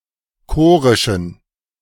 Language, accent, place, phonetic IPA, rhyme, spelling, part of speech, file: German, Germany, Berlin, [ˈkoːʁɪʃn̩], -oːʁɪʃn̩, chorischen, adjective, De-chorischen.ogg
- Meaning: inflection of chorisch: 1. strong genitive masculine/neuter singular 2. weak/mixed genitive/dative all-gender singular 3. strong/weak/mixed accusative masculine singular 4. strong dative plural